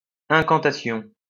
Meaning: incantation
- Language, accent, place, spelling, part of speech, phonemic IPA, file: French, France, Lyon, incantation, noun, /ɛ̃.kɑ̃.ta.sjɔ̃/, LL-Q150 (fra)-incantation.wav